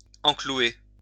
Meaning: to nail in, put a nail in
- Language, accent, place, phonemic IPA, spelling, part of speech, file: French, France, Lyon, /ɑ̃.klu.e/, enclouer, verb, LL-Q150 (fra)-enclouer.wav